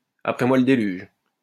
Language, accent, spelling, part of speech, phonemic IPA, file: French, France, après moi le déluge, phrase, /a.pʁɛ mwa l(ə) de.lyʒ/, LL-Q150 (fra)-après moi le déluge.wav
- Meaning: Used to indicate indifference to events that will happen after one’s death, or to indicate one’s own importance in maintaining order; after us the deluge